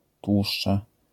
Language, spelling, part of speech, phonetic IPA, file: Polish, tłuszcza, noun, [ˈtwuʃt͡ʃa], LL-Q809 (pol)-tłuszcza.wav